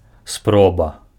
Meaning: attempt
- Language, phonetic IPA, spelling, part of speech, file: Belarusian, [ˈsproba], спроба, noun, Be-спроба.ogg